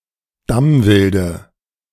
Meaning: dative singular of Damwild
- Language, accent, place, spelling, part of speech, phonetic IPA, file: German, Germany, Berlin, Damwilde, noun, [ˈdamvɪldə], De-Damwilde.ogg